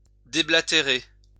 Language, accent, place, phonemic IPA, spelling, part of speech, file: French, France, Lyon, /de.bla.te.ʁe/, déblatérer, verb, LL-Q150 (fra)-déblatérer.wav
- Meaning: to rant about; to drivel, blather